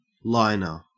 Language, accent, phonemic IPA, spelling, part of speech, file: English, Australia, /ˈlaɪnɚ/, liner, noun / verb, En-au-liner.ogg
- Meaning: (noun) 1. Someone who fits a lining to something 2. A removable cover or lining 3. The pamphlet supplied in the box with an audiovisual tape or disc, etc